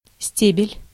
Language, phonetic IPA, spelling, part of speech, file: Russian, [ˈsʲtʲebʲɪlʲ], стебель, noun, Ru-стебель.ogg
- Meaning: stem, stalk (botany: above-ground stalk of a vascular plant)